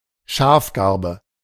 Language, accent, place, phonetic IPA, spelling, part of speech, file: German, Germany, Berlin, [ˈʃaːfˌɡaʁbə], Schafgarbe, noun / proper noun, De-Schafgarbe.ogg
- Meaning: yarrow (any of several pungent Eurasian herbs, of the genus Achillea)